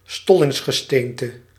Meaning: igneous rock
- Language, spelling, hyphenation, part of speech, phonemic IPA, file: Dutch, stollingsgesteente, stol‧lings‧ge‧steen‧te, noun, /ˈstɔlɪŋsɣəˌstentə/, Nl-stollingsgesteente.ogg